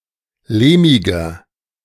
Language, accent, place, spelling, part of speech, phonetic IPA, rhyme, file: German, Germany, Berlin, lehmiger, adjective, [ˈleːmɪɡɐ], -eːmɪɡɐ, De-lehmiger.ogg
- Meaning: 1. comparative degree of lehmig 2. inflection of lehmig: strong/mixed nominative masculine singular 3. inflection of lehmig: strong genitive/dative feminine singular